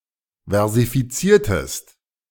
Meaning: inflection of versifizieren: 1. second-person singular preterite 2. second-person singular subjunctive II
- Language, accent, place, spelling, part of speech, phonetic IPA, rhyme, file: German, Germany, Berlin, versifiziertest, verb, [vɛʁzifiˈt͡siːɐ̯təst], -iːɐ̯təst, De-versifiziertest.ogg